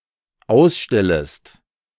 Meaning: second-person singular dependent subjunctive I of ausstellen
- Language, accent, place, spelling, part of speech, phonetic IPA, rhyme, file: German, Germany, Berlin, ausstellest, verb, [ˈaʊ̯sˌʃtɛləst], -aʊ̯sʃtɛləst, De-ausstellest.ogg